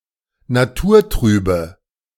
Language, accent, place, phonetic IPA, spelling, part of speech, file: German, Germany, Berlin, [naˈtuːɐ̯ˌtʁyːbə], naturtrübe, adjective, De-naturtrübe.ogg
- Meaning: inflection of naturtrüb: 1. strong/mixed nominative/accusative feminine singular 2. strong nominative/accusative plural 3. weak nominative all-gender singular